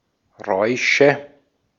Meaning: nominative/accusative/genitive plural of Rausch
- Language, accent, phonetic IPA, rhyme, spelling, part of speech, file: German, Austria, [ˈʁɔɪ̯ʃə], -ɔɪ̯ʃə, Räusche, noun, De-at-Räusche.ogg